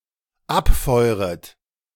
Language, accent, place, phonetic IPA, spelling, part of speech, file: German, Germany, Berlin, [ˈapˌfɔɪ̯ʁət], abfeuret, verb, De-abfeuret.ogg
- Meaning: second-person plural dependent subjunctive I of abfeuern